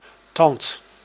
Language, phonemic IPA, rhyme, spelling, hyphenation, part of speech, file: Dutch, /tɑnt/, -ɑnt, tand, tand, noun, Nl-tand.ogg
- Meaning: 1. natural tooth, more specifically incisor 2. artificial object of similar shape and/or purpose, as on a cartwheel